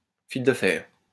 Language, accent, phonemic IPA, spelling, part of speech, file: French, France, /fil də fɛʁ/, fil de fer, noun, LL-Q150 (fra)-fil de fer.wav
- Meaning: 1. wire 2. wirewalking 3. larva of the click beetle 4. wireframe